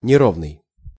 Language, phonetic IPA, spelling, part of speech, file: Russian, [nʲɪˈrovnɨj], неровный, adjective, Ru-неровный.ogg
- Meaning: uneven